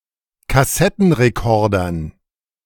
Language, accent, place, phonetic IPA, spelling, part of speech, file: German, Germany, Berlin, [kaˈsɛtn̩ʁeˌkɔʁdɐn], Kassettenrekordern, noun, De-Kassettenrekordern.ogg
- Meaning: dative plural of Kassettenrekorder